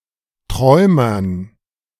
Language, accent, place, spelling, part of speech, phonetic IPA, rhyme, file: German, Germany, Berlin, Träumern, noun, [ˈtʁɔɪ̯mɐn], -ɔɪ̯mɐn, De-Träumern.ogg
- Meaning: dative plural of Träumer